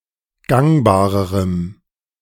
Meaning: strong dative masculine/neuter singular comparative degree of gangbar
- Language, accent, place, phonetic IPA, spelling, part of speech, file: German, Germany, Berlin, [ˈɡaŋbaːʁəʁəm], gangbarerem, adjective, De-gangbarerem.ogg